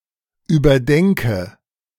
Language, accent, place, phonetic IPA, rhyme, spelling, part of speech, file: German, Germany, Berlin, [yːbɐˈdɛŋkə], -ɛŋkə, überdenke, verb, De-überdenke.ogg
- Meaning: inflection of überdenken: 1. first-person singular present 2. first/third-person singular subjunctive I 3. singular imperative